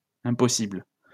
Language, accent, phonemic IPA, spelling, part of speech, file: French, France, /ɛ̃.pɔ.sibl/, impossibles, adjective, LL-Q150 (fra)-impossibles.wav
- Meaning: plural of impossible